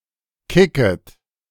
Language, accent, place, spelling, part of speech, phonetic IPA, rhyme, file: German, Germany, Berlin, kicket, verb, [ˈkɪkət], -ɪkət, De-kicket.ogg
- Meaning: second-person plural subjunctive I of kicken